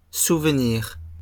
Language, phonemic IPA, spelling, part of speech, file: French, /suv.niʁ/, souvenirs, noun, LL-Q150 (fra)-souvenirs.wav
- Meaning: plural of souvenir